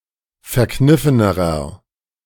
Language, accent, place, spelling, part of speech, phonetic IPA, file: German, Germany, Berlin, verkniffenerer, adjective, [fɛɐ̯ˈknɪfənəʁɐ], De-verkniffenerer.ogg
- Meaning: inflection of verkniffen: 1. strong/mixed nominative masculine singular comparative degree 2. strong genitive/dative feminine singular comparative degree 3. strong genitive plural comparative degree